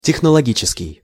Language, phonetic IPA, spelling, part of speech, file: Russian, [tʲɪxnəɫɐˈɡʲit͡ɕɪskʲɪj], технологический, adjective, Ru-технологический.ogg
- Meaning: 1. technological 2. technical or service